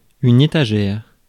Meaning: shelf (flat, rigid structure, fixed at right angles to a wall or forming a part of a cabinet, desk, etc., and used to support, store or display objects)
- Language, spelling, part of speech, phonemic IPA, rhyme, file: French, étagère, noun, /e.ta.ʒɛʁ/, -ɛʁ, Fr-étagère.ogg